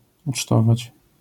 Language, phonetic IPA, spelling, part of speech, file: Polish, [ut͡ʃˈtɔvat͡ɕ], ucztować, verb, LL-Q809 (pol)-ucztować.wav